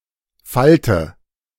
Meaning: inflection of falten: 1. first-person singular present 2. first/third-person singular subjunctive I 3. singular imperative
- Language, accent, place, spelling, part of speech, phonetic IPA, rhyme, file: German, Germany, Berlin, falte, verb, [ˈfaltə], -altə, De-falte.ogg